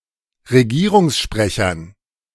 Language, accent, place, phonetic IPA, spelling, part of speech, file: German, Germany, Berlin, [ʁeˈɡiːʁʊŋsˌʃpʁɛçɐn], Regierungssprechern, noun, De-Regierungssprechern.ogg
- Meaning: dative plural of Regierungssprecher